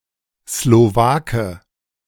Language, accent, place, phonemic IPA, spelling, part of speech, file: German, Germany, Berlin, /sloˈvaːkə/, Slowake, noun, De-Slowake.ogg
- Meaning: Slovak (native of Slovakia)